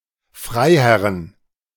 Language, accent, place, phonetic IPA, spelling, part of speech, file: German, Germany, Berlin, [ˈfʁaɪ̯ˌhɛʁən], Freiherren, noun, De-Freiherren.ogg
- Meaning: 1. genitive singular of Freiherr 2. plural of Freiherr